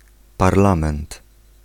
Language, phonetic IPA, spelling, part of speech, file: Polish, [parˈlãmɛ̃nt], parlament, noun, Pl-parlament.ogg